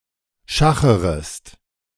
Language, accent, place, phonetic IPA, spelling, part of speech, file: German, Germany, Berlin, [ˈʃaxəʁəst], schacherest, verb, De-schacherest.ogg
- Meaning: second-person singular subjunctive I of schachern